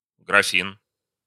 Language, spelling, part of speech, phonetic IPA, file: Russian, графин, noun, [ɡrɐˈfʲin], Ru-графин.ogg
- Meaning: decanter, carafe; water-bottle